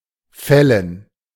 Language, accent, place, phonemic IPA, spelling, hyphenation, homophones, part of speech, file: German, Germany, Berlin, /ˈfɛlən/, fällen, fäl‧len, Fellen, verb, De-fällen.ogg
- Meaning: 1. to cut down, to chop down, to fell (a tree) 2. to precipitate 3. to make 4. to pass